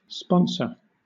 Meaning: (noun) A person or organization with some sort of responsibility for another person or organization, especially where the responsibility has a religious, legal, or financial aspect
- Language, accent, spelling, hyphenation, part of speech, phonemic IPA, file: English, Southern England, sponsor, spon‧sor, noun / verb, /ˈspɒn.səː/, LL-Q1860 (eng)-sponsor.wav